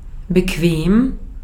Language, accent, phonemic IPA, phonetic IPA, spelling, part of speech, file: German, Austria, /bəˈkveːm/, [bəˈkʋeːm], bequem, adjective, De-at-bequem.ogg
- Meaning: 1. comfortable, convenient 2. relaxed, easy (avoiding difficulties, effort, work) 3. suitable, fit